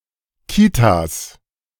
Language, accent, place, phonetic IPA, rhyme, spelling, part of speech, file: German, Germany, Berlin, [ˈkiːtas], -iːtas, Kitas, noun, De-Kitas.ogg
- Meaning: plural of Kita